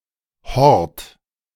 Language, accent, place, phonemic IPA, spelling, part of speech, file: German, Germany, Berlin, /hɔrt/, Hort, noun, De-Hort.ogg
- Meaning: 1. shelter, refuge, haven 2. hoard, treasure 3. after-school nursery; kind of childcare commonly attached to primary schools in German-speaking Europe